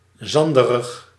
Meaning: sandy
- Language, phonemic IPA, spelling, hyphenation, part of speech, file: Dutch, /ˈzɑn.də.rəx/, zanderig, zan‧de‧rig, adjective, Nl-zanderig.ogg